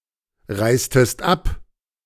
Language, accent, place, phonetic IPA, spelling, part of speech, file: German, Germany, Berlin, [ˌʁaɪ̯stəst ˈap], reistest ab, verb, De-reistest ab.ogg
- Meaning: inflection of abreisen: 1. second-person singular preterite 2. second-person singular subjunctive II